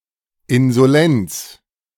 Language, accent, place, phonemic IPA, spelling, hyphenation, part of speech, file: German, Germany, Berlin, /ɪnzoˈlɛnt͡s/, Insolenz, In‧so‧lenz, noun, De-Insolenz.ogg
- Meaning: insolence (arrogant conduct; insulting, bold behaviour or attitude)